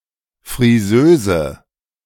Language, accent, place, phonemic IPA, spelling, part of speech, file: German, Germany, Berlin, /fʁiˈzøː.zə/, Frisöse, noun, De-Frisöse.ogg
- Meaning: female hairdresser or stylist